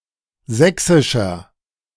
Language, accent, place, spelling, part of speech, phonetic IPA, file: German, Germany, Berlin, sächsischer, adjective, [ˈzɛksɪʃɐ], De-sächsischer.ogg
- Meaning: inflection of sächsisch: 1. strong/mixed nominative masculine singular 2. strong genitive/dative feminine singular 3. strong genitive plural